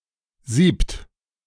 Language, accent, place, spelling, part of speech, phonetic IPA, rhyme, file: German, Germany, Berlin, siebt, numeral / verb, [ziːpt], -iːpt, De-siebt.ogg
- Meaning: inflection of sieben: 1. third-person singular present 2. second-person plural present 3. plural imperative